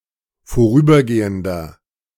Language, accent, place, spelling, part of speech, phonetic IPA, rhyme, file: German, Germany, Berlin, vorübergehender, adjective, [foˈʁyːbɐˌɡeːəndɐ], -yːbɐɡeːəndɐ, De-vorübergehender.ogg
- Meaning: inflection of vorübergehend: 1. strong/mixed nominative masculine singular 2. strong genitive/dative feminine singular 3. strong genitive plural